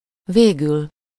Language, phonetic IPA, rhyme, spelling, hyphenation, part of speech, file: Hungarian, [ˈveːɡyl], -yl, végül, vé‧gül, adverb, Hu-végül.ogg
- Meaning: in the end, lastly, ultimately, eventually